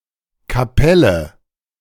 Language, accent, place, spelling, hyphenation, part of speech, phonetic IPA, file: German, Germany, Berlin, Kapelle, Ka‧pel‧le, noun, [kaˈpɛlə], De-Kapelle.ogg
- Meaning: 1. chapel 2. band, ensemble